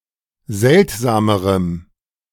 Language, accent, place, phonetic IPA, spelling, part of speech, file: German, Germany, Berlin, [ˈzɛltzaːməʁəm], seltsamerem, adjective, De-seltsamerem.ogg
- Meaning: strong dative masculine/neuter singular comparative degree of seltsam